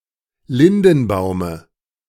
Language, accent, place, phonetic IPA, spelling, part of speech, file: German, Germany, Berlin, [ˈlɪndn̩ˌbaʊ̯mə], Lindenbaume, noun, De-Lindenbaume.ogg
- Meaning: dative singular of Lindenbaum